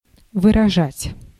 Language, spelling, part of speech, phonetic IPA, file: Russian, выражать, verb, [vɨrɐˈʐatʲ], Ru-выражать.ogg
- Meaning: to express, to convey (meaning)